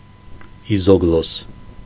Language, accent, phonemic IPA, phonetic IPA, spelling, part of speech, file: Armenian, Eastern Armenian, /izoɡˈlos/, [izoɡlós], իզոգլոս, noun, Hy-իզոգլոս.ogg
- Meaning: isogloss